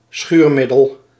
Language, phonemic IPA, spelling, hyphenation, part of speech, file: Dutch, /ˈsxyːrˌmɪ.dəl/, schuurmiddel, schuur‧mid‧del, noun, Nl-schuurmiddel.ogg
- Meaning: an abradant, an abrasive